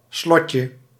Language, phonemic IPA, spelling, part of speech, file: Dutch, /ˈslɔcə/, slotje, noun, Nl-slotje.ogg
- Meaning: diminutive of slot